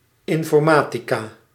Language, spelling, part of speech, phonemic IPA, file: Dutch, informatica, noun, /ˌɪɱfɔrˈmatiˌka/, Nl-informatica.ogg
- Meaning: the discipline computer science, information science, informatics, study of computers and computing